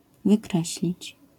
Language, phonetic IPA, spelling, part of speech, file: Polish, [vɨˈkrɛɕlʲit͡ɕ], wykreślić, verb, LL-Q809 (pol)-wykreślić.wav